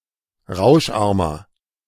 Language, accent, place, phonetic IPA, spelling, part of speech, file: German, Germany, Berlin, [ˈʁaʊ̯ʃˌʔaʁmɐ], rauscharmer, adjective, De-rauscharmer.ogg
- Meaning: inflection of rauscharm: 1. strong/mixed nominative masculine singular 2. strong genitive/dative feminine singular 3. strong genitive plural